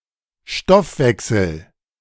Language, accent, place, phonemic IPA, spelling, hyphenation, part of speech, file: German, Germany, Berlin, /ˈʃtɔfˌvɛksl̩/, Stoffwechsel, Stoff‧wech‧sel, noun, De-Stoffwechsel.ogg
- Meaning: metabolism